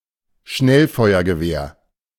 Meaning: automatic rifle, assault rifle
- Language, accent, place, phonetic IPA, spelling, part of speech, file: German, Germany, Berlin, [ˈʃnɛlfɔɪ̯ɐɡəˌveːɐ̯], Schnellfeuergewehr, noun, De-Schnellfeuergewehr.ogg